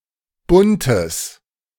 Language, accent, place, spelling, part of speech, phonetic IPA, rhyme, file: German, Germany, Berlin, buntes, adjective, [ˈbʊntəs], -ʊntəs, De-buntes.ogg
- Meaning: strong/mixed nominative/accusative neuter singular of bunt